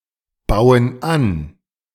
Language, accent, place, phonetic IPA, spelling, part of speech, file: German, Germany, Berlin, [ˌbaʊ̯ən ˈan], bauen an, verb, De-bauen an.ogg
- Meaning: inflection of anbauen: 1. first/third-person plural present 2. first/third-person plural subjunctive I